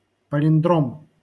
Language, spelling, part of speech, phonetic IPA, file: Russian, палиндром, noun, [pəlʲɪnˈdrom], LL-Q7737 (rus)-палиндром.wav
- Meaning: palindrome